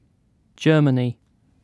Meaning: A nation or civilization occupying the country around the Rhine, Elbe, and upper Danube Rivers in Central Europe, taken as a whole under its various governments
- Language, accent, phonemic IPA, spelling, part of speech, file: English, UK, /ˈd͡ʒɜː.mə.ni/, Germany, proper noun, En-uk-Germany.ogg